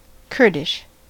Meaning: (adjective) Of, from, or pertaining to Kurdistan, the Kurdish people or the Kurdish language family
- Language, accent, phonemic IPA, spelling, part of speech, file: English, US, /ˈkɜː(ɹ)dɪʃ/, Kurdish, adjective / noun, En-us-Kurdish.ogg